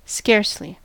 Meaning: 1. Probably not 2. Certainly not, hardly at all 3. Hardly: only just; by a small margin
- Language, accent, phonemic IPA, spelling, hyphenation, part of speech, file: English, US, /ˈskɛɹsli/, scarcely, scarce‧ly, adverb, En-us-scarcely.ogg